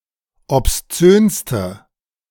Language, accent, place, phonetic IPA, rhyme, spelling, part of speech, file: German, Germany, Berlin, [ɔpsˈt͡søːnstə], -øːnstə, obszönste, adjective, De-obszönste.ogg
- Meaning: inflection of obszön: 1. strong/mixed nominative/accusative feminine singular superlative degree 2. strong nominative/accusative plural superlative degree